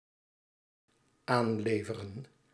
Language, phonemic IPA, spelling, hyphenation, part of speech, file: Dutch, /ˈaːn.leː.və.rə(n)/, aanleveren, aan‧le‧ve‧ren, verb, Nl-aanleveren.ogg
- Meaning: to supply